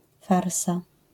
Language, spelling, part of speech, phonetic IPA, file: Polish, farsa, noun, [ˈfarsa], LL-Q809 (pol)-farsa.wav